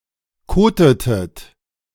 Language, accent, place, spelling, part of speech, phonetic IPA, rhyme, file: German, Germany, Berlin, kotetet, verb, [ˈkoːtətət], -oːtətət, De-kotetet.ogg
- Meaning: inflection of koten: 1. second-person plural preterite 2. second-person plural subjunctive II